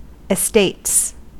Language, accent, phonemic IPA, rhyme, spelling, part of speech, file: English, US, /ɪsˈteɪts/, -eɪts, estates, noun, En-us-estates.ogg
- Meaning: plural of estate